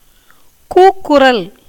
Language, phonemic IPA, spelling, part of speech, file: Tamil, /kuːkːʊɾɐl/, கூக்குரல், noun, Ta-கூக்குரல்.ogg
- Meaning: 1. shout, outcry, uproar, clamour 2. piteous cry, as in seeking redress